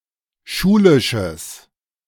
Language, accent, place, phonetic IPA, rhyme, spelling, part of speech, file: German, Germany, Berlin, [ˈʃuːlɪʃəs], -uːlɪʃəs, schulisches, adjective, De-schulisches.ogg
- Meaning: strong/mixed nominative/accusative neuter singular of schulisch